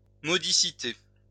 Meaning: modestness
- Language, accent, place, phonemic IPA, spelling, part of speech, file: French, France, Lyon, /mɔ.di.si.te/, modicité, noun, LL-Q150 (fra)-modicité.wav